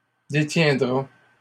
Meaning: third-person singular simple future of détenir
- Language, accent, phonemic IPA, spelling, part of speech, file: French, Canada, /de.tjɛ̃.dʁa/, détiendra, verb, LL-Q150 (fra)-détiendra.wav